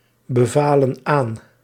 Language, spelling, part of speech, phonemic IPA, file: Dutch, bevalen aan, verb, /bəˈvalə(n) ˈan/, Nl-bevalen aan.ogg
- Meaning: inflection of aanbevelen: 1. plural past indicative 2. plural past subjunctive